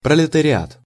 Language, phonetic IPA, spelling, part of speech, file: Russian, [prəlʲɪtərʲɪˈat], пролетариат, noun, Ru-пролетариат.ogg
- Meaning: proletariat (working class or lower class)